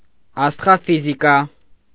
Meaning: astrophysics
- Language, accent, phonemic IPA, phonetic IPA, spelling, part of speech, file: Armenian, Eastern Armenian, /ɑstʁɑfiziˈkɑ/, [ɑstʁɑfizikɑ́], աստղաֆիզիկա, noun, Hy-աստղաֆիզիկա.ogg